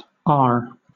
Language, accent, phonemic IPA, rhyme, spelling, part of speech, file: English, Southern England, /ɑː(ɹ)/, -ɑː(ɹ), arr, interjection / verb, LL-Q1860 (eng)-arr.wav
- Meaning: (interjection) 1. Yes 2. Used stereotypically in imitation of pirates; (verb) To say “arr” like a pirate